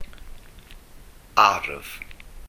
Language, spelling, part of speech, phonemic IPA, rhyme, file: Welsh, arf, noun, /arv/, -arv, Cy-arf.ogg
- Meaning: 1. weapon, armament 2. tool, instrument